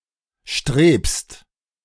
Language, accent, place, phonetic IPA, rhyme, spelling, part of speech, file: German, Germany, Berlin, [ʃtʁeːpst], -eːpst, strebst, verb, De-strebst.ogg
- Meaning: second-person singular present of streben